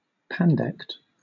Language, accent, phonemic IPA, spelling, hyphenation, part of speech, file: English, Southern England, /ˈpændɛkt/, pandect, pan‧dect, noun, LL-Q1860 (eng)-pandect.wav